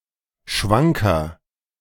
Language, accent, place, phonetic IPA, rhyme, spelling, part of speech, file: German, Germany, Berlin, [ˈʃvaŋkɐ], -aŋkɐ, schwanker, adjective, De-schwanker.ogg
- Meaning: 1. comparative degree of schwank 2. inflection of schwank: strong/mixed nominative masculine singular 3. inflection of schwank: strong genitive/dative feminine singular